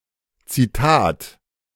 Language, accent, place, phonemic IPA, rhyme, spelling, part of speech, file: German, Germany, Berlin, /t͡siˈtaːt/, -aːt, Zitat, noun, De-Zitat.ogg
- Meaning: quotation